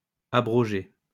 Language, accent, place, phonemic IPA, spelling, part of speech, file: French, France, Lyon, /a.bʁɔ.ʒe/, abrogés, verb, LL-Q150 (fra)-abrogés.wav
- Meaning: masculine plural of abrogé